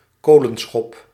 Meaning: 1. a coal shovel 2. a large hand
- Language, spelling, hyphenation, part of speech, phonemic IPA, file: Dutch, kolenschop, ko‧len‧schop, noun, /ˈkoː.lə(n)ˌsxɔp/, Nl-kolenschop.ogg